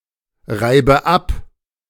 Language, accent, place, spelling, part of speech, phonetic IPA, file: German, Germany, Berlin, reibe ab, verb, [ˌʁaɪ̯bə ˈap], De-reibe ab.ogg
- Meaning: inflection of abreiben: 1. first-person singular present 2. first/third-person singular subjunctive I 3. singular imperative